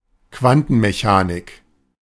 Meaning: quantum mechanics
- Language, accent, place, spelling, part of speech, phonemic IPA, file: German, Germany, Berlin, Quantenmechanik, noun, /ˈkvantənmeˌçaːnɪk/, De-Quantenmechanik.ogg